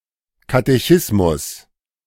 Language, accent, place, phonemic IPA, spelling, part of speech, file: German, Germany, Berlin, /katɛˈçɪsmʊs/, Katechismus, noun, De-Katechismus.ogg
- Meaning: catechism